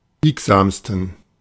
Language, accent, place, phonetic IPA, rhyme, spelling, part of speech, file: German, Germany, Berlin, [ˈbiːkzaːmstn̩], -iːkzaːmstn̩, biegsamsten, adjective, De-biegsamsten.ogg
- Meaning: 1. superlative degree of biegsam 2. inflection of biegsam: strong genitive masculine/neuter singular superlative degree